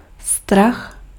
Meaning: fear
- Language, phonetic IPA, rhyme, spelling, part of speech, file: Czech, [ˈstrax], -ax, strach, noun, Cs-strach.ogg